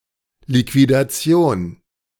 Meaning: liquidation
- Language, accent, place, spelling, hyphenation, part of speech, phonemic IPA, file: German, Germany, Berlin, Liquidation, Li‧qui‧da‧ti‧on, noun, /likvidaˈt͡si̯oːn/, De-Liquidation.ogg